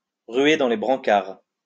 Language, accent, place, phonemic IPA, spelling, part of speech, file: French, France, Lyon, /ʁɥe dɑ̃ le bʁɑ̃.kaʁ/, ruer dans les brancards, verb, LL-Q150 (fra)-ruer dans les brancards.wav
- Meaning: to kick over the traces, to jib (to become rebellious)